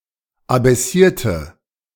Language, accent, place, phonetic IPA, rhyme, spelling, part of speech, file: German, Germany, Berlin, [abɛˈsiːɐ̯tə], -iːɐ̯tə, abaissierte, adjective / verb, De-abaissierte.ogg
- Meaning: inflection of abaissiert: 1. strong/mixed nominative/accusative feminine singular 2. strong nominative/accusative plural 3. weak nominative all-gender singular